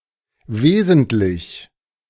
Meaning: 1. essential (concerning the essence or true nature of something) 2. crucial, principal, significant (of fundamental importance)
- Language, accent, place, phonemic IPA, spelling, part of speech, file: German, Germany, Berlin, /ˈveːzəntlɪç/, wesentlich, adjective, De-wesentlich.ogg